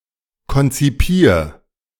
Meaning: 1. singular imperative of konzipieren 2. first-person singular present of konzipieren
- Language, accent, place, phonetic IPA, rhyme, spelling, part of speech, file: German, Germany, Berlin, [kɔnt͡siˈpiːɐ̯], -iːɐ̯, konzipier, verb, De-konzipier.ogg